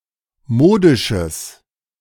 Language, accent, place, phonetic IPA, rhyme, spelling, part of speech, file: German, Germany, Berlin, [ˈmoːdɪʃəs], -oːdɪʃəs, modisches, adjective, De-modisches.ogg
- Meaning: strong/mixed nominative/accusative neuter singular of modisch